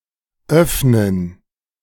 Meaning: 1. to open (to make something accessible or allow for passage by moving from a shut position) 2. to open (to make accessible to customers or clients)
- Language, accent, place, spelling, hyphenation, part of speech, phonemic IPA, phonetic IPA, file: German, Germany, Berlin, öffnen, öff‧nen, verb, /ˈœfnən/, [ˈʔœf.nən], De-öffnen2.ogg